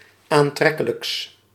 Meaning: partitive of aantrekkelijk
- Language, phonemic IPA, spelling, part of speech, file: Dutch, /anˈtrɛkələks/, aantrekkelijks, adjective, Nl-aantrekkelijks.ogg